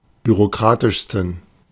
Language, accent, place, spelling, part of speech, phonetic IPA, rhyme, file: German, Germany, Berlin, bürokratischsten, adjective, [byʁoˈkʁaːtɪʃstn̩], -aːtɪʃstn̩, De-bürokratischsten.ogg
- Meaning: 1. superlative degree of bürokratisch 2. inflection of bürokratisch: strong genitive masculine/neuter singular superlative degree